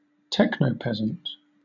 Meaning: One who is disadvantaged or exploited within a modern technological society, especially through inability to use computer technology
- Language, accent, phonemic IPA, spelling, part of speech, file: English, Southern England, /ˈtɛknəʊˌpɛzənt/, technopeasant, noun, LL-Q1860 (eng)-technopeasant.wav